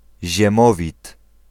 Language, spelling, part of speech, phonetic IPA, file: Polish, Ziemowit, proper noun, [ʑɛ̃ˈmɔvʲit], Pl-Ziemowit.ogg